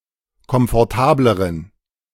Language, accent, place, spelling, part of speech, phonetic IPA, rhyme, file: German, Germany, Berlin, komfortableren, adjective, [kɔmfɔʁˈtaːbləʁən], -aːbləʁən, De-komfortableren.ogg
- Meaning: inflection of komfortabel: 1. strong genitive masculine/neuter singular comparative degree 2. weak/mixed genitive/dative all-gender singular comparative degree